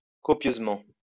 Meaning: copiously
- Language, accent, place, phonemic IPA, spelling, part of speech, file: French, France, Lyon, /kɔ.pjøz.mɑ̃/, copieusement, adverb, LL-Q150 (fra)-copieusement.wav